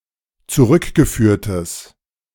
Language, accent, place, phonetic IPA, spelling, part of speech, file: German, Germany, Berlin, [t͡suˈʁʏkɡəˌfyːɐ̯təs], zurückgeführtes, adjective, De-zurückgeführtes.ogg
- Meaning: strong/mixed nominative/accusative neuter singular of zurückgeführt